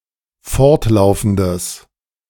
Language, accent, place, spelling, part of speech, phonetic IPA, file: German, Germany, Berlin, fortlaufendes, adjective, [ˈfɔʁtˌlaʊ̯fn̩dəs], De-fortlaufendes.ogg
- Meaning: strong/mixed nominative/accusative neuter singular of fortlaufend